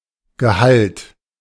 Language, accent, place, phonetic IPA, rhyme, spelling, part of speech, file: German, Germany, Berlin, [ɡəˈhalt], -alt, gehallt, verb, De-gehallt.ogg
- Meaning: past participle of hallen